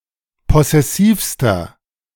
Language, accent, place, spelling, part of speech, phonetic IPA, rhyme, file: German, Germany, Berlin, possessivster, adjective, [ˌpɔsɛˈsiːfstɐ], -iːfstɐ, De-possessivster.ogg
- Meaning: inflection of possessiv: 1. strong/mixed nominative masculine singular superlative degree 2. strong genitive/dative feminine singular superlative degree 3. strong genitive plural superlative degree